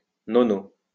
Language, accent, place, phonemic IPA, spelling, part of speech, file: French, France, Lyon, /nɔ.no/, 9o, adverb, LL-Q150 (fra)-9o.wav
- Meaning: 9th (abbreviation of nono)